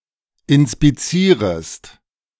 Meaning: second-person singular subjunctive I of inspizieren
- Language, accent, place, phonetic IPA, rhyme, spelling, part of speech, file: German, Germany, Berlin, [ɪnspiˈt͡siːʁəst], -iːʁəst, inspizierest, verb, De-inspizierest.ogg